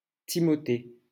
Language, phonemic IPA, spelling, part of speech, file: French, /ti.mɔ.te/, Timothée, proper noun, LL-Q150 (fra)-Timothée.wav
- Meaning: a male given name, equivalent to English Timothy